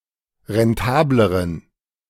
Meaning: inflection of rentabel: 1. strong genitive masculine/neuter singular comparative degree 2. weak/mixed genitive/dative all-gender singular comparative degree
- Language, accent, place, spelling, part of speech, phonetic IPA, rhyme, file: German, Germany, Berlin, rentableren, adjective, [ʁɛnˈtaːbləʁən], -aːbləʁən, De-rentableren.ogg